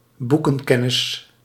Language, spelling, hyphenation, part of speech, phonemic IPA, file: Dutch, boekenkennis, boe‧ken‧ken‧nis, noun, /ˈbu.kə(n)ˌkɛ.nɪs/, Nl-boekenkennis.ogg
- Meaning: 1. knowledge primarily based on reading about a subject rather than personal experience, book knowledge 2. knowledge about books, such as bibliography or bibliology